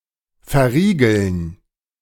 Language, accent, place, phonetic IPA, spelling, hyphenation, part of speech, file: German, Germany, Berlin, [fɛɐ̯ˈʁiːɡl̩n], verriegeln, ver‧rie‧geln, verb, De-verriegeln.ogg
- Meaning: to bolt